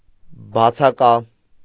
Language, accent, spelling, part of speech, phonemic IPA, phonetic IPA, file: Armenian, Eastern Armenian, բացակա, adjective, /bɑt͡sʰɑˈkɑ/, [bɑt͡sʰɑkɑ́], Hy-բացակա.ogg
- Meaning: absent